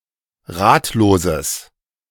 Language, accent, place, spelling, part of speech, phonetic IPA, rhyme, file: German, Germany, Berlin, ratloses, adjective, [ˈʁaːtloːzəs], -aːtloːzəs, De-ratloses.ogg
- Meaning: strong/mixed nominative/accusative neuter singular of ratlos